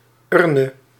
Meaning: alternative form of urn
- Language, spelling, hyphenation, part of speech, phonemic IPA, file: Dutch, urne, ur‧ne, noun, /ˈʏr.nə/, Nl-urne.ogg